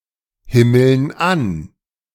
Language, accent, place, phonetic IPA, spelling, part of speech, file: German, Germany, Berlin, [ˌhɪml̩n ˈan], himmeln an, verb, De-himmeln an.ogg
- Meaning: inflection of anhimmeln: 1. first/third-person plural present 2. first/third-person plural subjunctive I